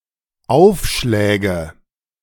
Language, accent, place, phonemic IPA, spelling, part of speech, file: German, Germany, Berlin, /ˈaʊ̯fˌʃlɛːɡə/, Aufschläge, noun, De-Aufschläge.ogg
- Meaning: nominative/accusative/genitive plural of Aufschlag